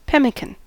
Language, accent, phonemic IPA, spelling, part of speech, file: English, US, /ˈpɛmɪkən/, pemmican, noun, En-us-pemmican.ogg
- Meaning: A food made from meat which has been dried and beaten into a paste, mixed with berries and rendered fat, and shaped into little patties